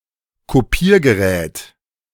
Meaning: copier (machine)
- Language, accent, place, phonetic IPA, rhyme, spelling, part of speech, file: German, Germany, Berlin, [koˈpiːɐ̯ɡəˌʁɛːt], -iːɐ̯ɡəʁɛːt, Kopiergerät, noun, De-Kopiergerät.ogg